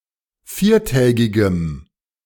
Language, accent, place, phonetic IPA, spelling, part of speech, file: German, Germany, Berlin, [ˈfiːɐ̯ˌtɛːɡɪɡəm], viertägigem, adjective, De-viertägigem.ogg
- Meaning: strong dative masculine/neuter singular of viertägig